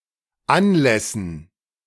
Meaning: dative plural of Anlass
- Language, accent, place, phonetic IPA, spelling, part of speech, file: German, Germany, Berlin, [ˈanˌlɛsn̩], Anlässen, noun, De-Anlässen.ogg